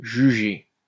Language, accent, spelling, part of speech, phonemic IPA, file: French, France, jugé, adjective / noun / verb, /ʒy.ʒe/, LL-Q150 (fra)-jugé.wav
- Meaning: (adjective) 1. judged (that was judged by the courts) 2. judged (describes a man of whom one knows the lack of merit, the lack of honesty); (noun) judgment; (verb) past participle of juger